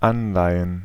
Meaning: plural of Anleihe
- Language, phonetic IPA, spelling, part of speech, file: German, [ˈanlaɪ̯ən], Anleihen, noun, De-Anleihen.ogg